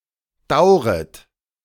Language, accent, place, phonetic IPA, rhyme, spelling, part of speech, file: German, Germany, Berlin, [ˈdaʊ̯ʁət], -aʊ̯ʁət, dauret, verb, De-dauret.ogg
- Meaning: second-person plural subjunctive I of dauern